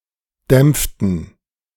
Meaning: inflection of dämpfen: 1. first/third-person plural preterite 2. first/third-person plural subjunctive II
- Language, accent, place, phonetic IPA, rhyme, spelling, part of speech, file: German, Germany, Berlin, [ˈdɛmp͡ftn̩], -ɛmp͡ftn̩, dämpften, verb, De-dämpften.ogg